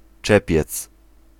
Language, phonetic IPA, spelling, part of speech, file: Polish, [ˈt͡ʃɛpʲjɛt͡s], czepiec, noun, Pl-czepiec.ogg